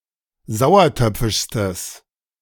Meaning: strong/mixed nominative/accusative neuter singular superlative degree of sauertöpfisch
- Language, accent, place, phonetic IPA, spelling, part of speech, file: German, Germany, Berlin, [ˈzaʊ̯ɐˌtœp͡fɪʃstəs], sauertöpfischstes, adjective, De-sauertöpfischstes.ogg